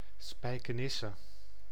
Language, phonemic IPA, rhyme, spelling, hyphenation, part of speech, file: Dutch, /ˌspɛi̯.kəˈnɪ.sə/, -ɪsə, Spijkenisse, Spij‧ke‧nis‧se, proper noun, Nl-Spijkenisse.ogg
- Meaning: a town and former municipality of Nissewaard, South Holland, Netherlands